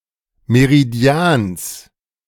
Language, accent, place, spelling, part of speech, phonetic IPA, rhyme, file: German, Germany, Berlin, Meridians, noun, [meʁiˈdi̯aːns], -aːns, De-Meridians.ogg
- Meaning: genitive singular of Meridian